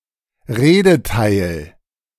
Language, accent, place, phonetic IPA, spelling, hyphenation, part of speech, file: German, Germany, Berlin, [ˈʁeːdəˌtaɪ̯l], Redeteil, Re‧de‧teil, noun, De-Redeteil.ogg
- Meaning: part of speech (the function a word or phrase performs)